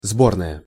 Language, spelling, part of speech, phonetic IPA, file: Russian, сборная, noun / adjective, [ˈzbornəjə], Ru-сборная.ogg
- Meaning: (noun) combined team, national sports team; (adjective) feminine nominative singular of сбо́рный (sbórnyj)